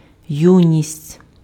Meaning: 1. youth, adolescence (young age; period of life before maturity) 2. youth, youthfulness, juvenility (quality or state of being young) 3. youth (young people)
- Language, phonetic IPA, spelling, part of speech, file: Ukrainian, [ˈjunʲisʲtʲ], юність, noun, Uk-юність.ogg